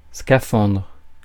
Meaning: 1. diving suit 2. space suit
- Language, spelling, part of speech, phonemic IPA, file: French, scaphandre, noun, /ska.fɑ̃dʁ/, Fr-scaphandre.ogg